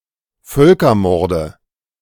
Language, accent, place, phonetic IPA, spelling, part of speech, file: German, Germany, Berlin, [ˈfœlkɐˌmɔʁdə], Völkermorde, noun, De-Völkermorde.ogg
- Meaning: nominative/accusative/genitive plural of Völkermord